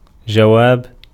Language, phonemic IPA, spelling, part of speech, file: Arabic, /d͡ʒa.waːb/, جواب, noun, Ar-جواب.ogg
- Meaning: 1. answer, reply 2. apodosis